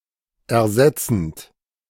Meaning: present participle of ersetzen
- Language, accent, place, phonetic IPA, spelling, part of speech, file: German, Germany, Berlin, [ɛɐ̯ˈzɛt͡sənt], ersetzend, verb, De-ersetzend.ogg